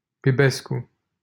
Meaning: a surname
- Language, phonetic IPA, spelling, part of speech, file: Romanian, [biˈbesku], Bibescu, proper noun, LL-Q7913 (ron)-Bibescu.wav